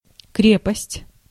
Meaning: 1. strength, stoutness 2. firmness, body, hardness 3. hardiness, fastness, tenacity 4. heartiness 5. stronghold, fortress, citadel, bastion, presidio 6. deed
- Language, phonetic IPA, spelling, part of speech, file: Russian, [ˈkrʲepəsʲtʲ], крепость, noun, Ru-крепость.ogg